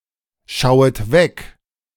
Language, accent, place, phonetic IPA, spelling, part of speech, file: German, Germany, Berlin, [ˌʃaʊ̯ət ˈvɛk], schauet weg, verb, De-schauet weg.ogg
- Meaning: second-person plural subjunctive I of wegschauen